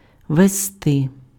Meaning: to carry (by vehicle), to transport, to haul
- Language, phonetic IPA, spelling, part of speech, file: Ukrainian, [ʋezˈtɪ], везти, verb, Uk-везти.ogg